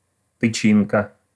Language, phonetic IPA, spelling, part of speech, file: Russian, [tɨˈt͡ɕinkə], тычинка, noun, Ru-тычинка.ogg
- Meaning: stamen (a flower part that produces pollen)